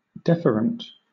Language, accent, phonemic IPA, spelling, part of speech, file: English, Southern England, /ˈdɛfəɹənt/, deferent, adjective / noun, LL-Q1860 (eng)-deferent.wav
- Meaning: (adjective) Showing deference; deferential; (noun) A duct in the body serving to carry away from, as opposed to an afferent one